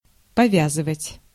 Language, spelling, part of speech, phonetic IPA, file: Russian, повязывать, verb, [pɐˈvʲazɨvətʲ], Ru-повязывать.ogg
- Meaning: to tie